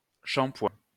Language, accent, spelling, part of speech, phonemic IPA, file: French, France, shampoing, noun, /ʃɑ̃.pwɛ̃/, LL-Q150 (fra)-shampoing.wav
- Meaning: alternative form of shampooing